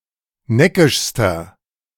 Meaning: inflection of neckisch: 1. strong/mixed nominative masculine singular superlative degree 2. strong genitive/dative feminine singular superlative degree 3. strong genitive plural superlative degree
- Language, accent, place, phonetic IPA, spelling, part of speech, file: German, Germany, Berlin, [ˈnɛkɪʃstɐ], neckischster, adjective, De-neckischster.ogg